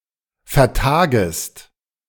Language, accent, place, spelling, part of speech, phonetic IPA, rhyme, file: German, Germany, Berlin, vertagest, verb, [fɛɐ̯ˈtaːɡəst], -aːɡəst, De-vertagest.ogg
- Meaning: second-person singular subjunctive I of vertagen